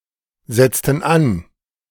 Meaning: inflection of ansetzen: 1. first/third-person plural preterite 2. first/third-person plural subjunctive II
- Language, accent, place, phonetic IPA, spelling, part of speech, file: German, Germany, Berlin, [ˌzɛt͡stn̩ ˈan], setzten an, verb, De-setzten an.ogg